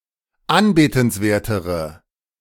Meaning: inflection of anbetenswert: 1. strong/mixed nominative/accusative feminine singular comparative degree 2. strong nominative/accusative plural comparative degree
- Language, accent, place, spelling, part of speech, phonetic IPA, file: German, Germany, Berlin, anbetenswertere, adjective, [ˈanbeːtn̩sˌveːɐ̯təʁə], De-anbetenswertere.ogg